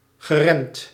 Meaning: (verb) past participle of remmen; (adjective) uptight, inhibited
- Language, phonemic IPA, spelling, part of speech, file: Dutch, /ɣəˈrɛmt/, geremd, verb / adjective, Nl-geremd.ogg